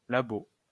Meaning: lab (laboratory)
- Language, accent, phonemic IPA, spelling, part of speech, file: French, France, /la.bo/, labo, noun, LL-Q150 (fra)-labo.wav